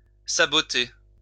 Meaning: to sabotage
- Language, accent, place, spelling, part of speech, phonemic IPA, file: French, France, Lyon, saboter, verb, /sa.bɔ.te/, LL-Q150 (fra)-saboter.wav